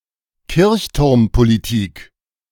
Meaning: parish pump politics
- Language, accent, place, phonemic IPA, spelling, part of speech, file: German, Germany, Berlin, /ˈkɪʁçtʊʁmpoliˌtɪk/, Kirchturmpolitik, noun, De-Kirchturmpolitik.ogg